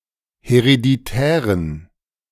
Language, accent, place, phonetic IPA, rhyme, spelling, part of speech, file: German, Germany, Berlin, [heʁediˈtɛːʁən], -ɛːʁən, hereditären, adjective, De-hereditären.ogg
- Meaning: inflection of hereditär: 1. strong genitive masculine/neuter singular 2. weak/mixed genitive/dative all-gender singular 3. strong/weak/mixed accusative masculine singular 4. strong dative plural